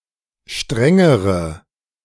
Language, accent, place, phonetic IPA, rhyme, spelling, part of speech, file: German, Germany, Berlin, [ˈʃtʁɛŋəʁə], -ɛŋəʁə, strengere, adjective, De-strengere.ogg
- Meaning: inflection of streng: 1. strong/mixed nominative/accusative feminine singular comparative degree 2. strong nominative/accusative plural comparative degree